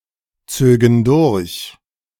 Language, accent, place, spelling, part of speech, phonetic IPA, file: German, Germany, Berlin, zögen durch, verb, [ˌt͡søːɡn̩ ˈdʊʁç], De-zögen durch.ogg
- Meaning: first/third-person plural subjunctive II of durchziehen